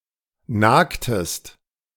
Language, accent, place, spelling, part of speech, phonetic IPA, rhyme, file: German, Germany, Berlin, nagtest, verb, [ˈnaːktəst], -aːktəst, De-nagtest.ogg
- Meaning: inflection of nagen: 1. second-person singular preterite 2. second-person singular subjunctive II